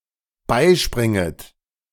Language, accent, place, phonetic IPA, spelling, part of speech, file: German, Germany, Berlin, [ˈbaɪ̯ˌʃpʁɪŋət], beispringet, verb, De-beispringet.ogg
- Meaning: second-person plural dependent subjunctive I of beispringen